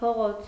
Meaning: street
- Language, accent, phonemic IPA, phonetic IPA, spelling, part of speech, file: Armenian, Eastern Armenian, /pʰoˈʁot͡sʰ/, [pʰoʁót͡sʰ], փողոց, noun, Hy-փողոց.ogg